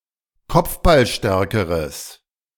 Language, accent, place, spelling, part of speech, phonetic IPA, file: German, Germany, Berlin, kopfballstärkeres, adjective, [ˈkɔp͡fbalˌʃtɛʁkəʁəs], De-kopfballstärkeres.ogg
- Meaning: strong/mixed nominative/accusative neuter singular comparative degree of kopfballstark